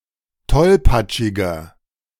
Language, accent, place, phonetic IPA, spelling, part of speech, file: German, Germany, Berlin, [ˈtɔlpat͡ʃɪɡɐ], tollpatschiger, adjective, De-tollpatschiger.ogg
- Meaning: 1. comparative degree of tollpatschig 2. inflection of tollpatschig: strong/mixed nominative masculine singular 3. inflection of tollpatschig: strong genitive/dative feminine singular